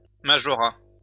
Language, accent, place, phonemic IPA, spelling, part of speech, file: French, France, Lyon, /ma.ʒɔ.ʁa/, majorat, noun, LL-Q150 (fra)-majorat.wav
- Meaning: majorat